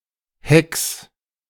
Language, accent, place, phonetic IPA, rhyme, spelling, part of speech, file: German, Germany, Berlin, [hɛks], -ɛks, Hecks, noun, De-Hecks.ogg
- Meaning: plural of Heck